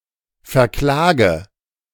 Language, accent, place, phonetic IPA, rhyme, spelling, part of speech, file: German, Germany, Berlin, [fɛɐ̯ˈklaːɡə], -aːɡə, verklage, verb, De-verklage.ogg
- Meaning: inflection of verklagen: 1. first-person singular present 2. first/third-person singular subjunctive I 3. singular imperative